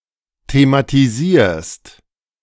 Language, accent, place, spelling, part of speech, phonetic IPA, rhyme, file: German, Germany, Berlin, thematisierst, verb, [tematiˈziːɐ̯st], -iːɐ̯st, De-thematisierst.ogg
- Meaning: second-person singular present of thematisieren